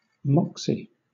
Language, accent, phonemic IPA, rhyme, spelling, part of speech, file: English, Southern England, /ˈmɒksi/, -ɒksi, moxie, noun, LL-Q1860 (eng)-moxie.wav
- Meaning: 1. Nerve, spunk, strength of character 2. Verve 3. Wit, smarts, skill